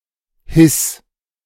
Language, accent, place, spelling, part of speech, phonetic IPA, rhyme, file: German, Germany, Berlin, hiss, verb, [hɪs], -ɪs, De-hiss.ogg
- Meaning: 1. singular imperative of hissen 2. first-person singular present of hissen